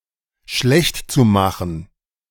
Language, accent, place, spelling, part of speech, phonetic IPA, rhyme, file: German, Germany, Berlin, schlechtzumachen, verb, [ˈʃlɛçtt͡suˌmaxn̩], -ɛçtt͡sumaxn̩, De-schlechtzumachen.ogg
- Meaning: zu-infinitive of schlechtmachen